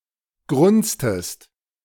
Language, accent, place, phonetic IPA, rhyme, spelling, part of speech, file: German, Germany, Berlin, [ˈɡʁʊnt͡stəst], -ʊnt͡stəst, grunztest, verb, De-grunztest.ogg
- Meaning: inflection of grunzen: 1. second-person singular preterite 2. second-person singular subjunctive II